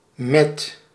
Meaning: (preposition) 1. with, along with (another person) 2. with, using (a tool, instrument or other means) 3. at, for, during (a holiday/festivity)
- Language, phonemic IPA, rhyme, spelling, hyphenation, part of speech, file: Dutch, /mɛt/, -ɛt, met, met, preposition / noun, Nl-met.ogg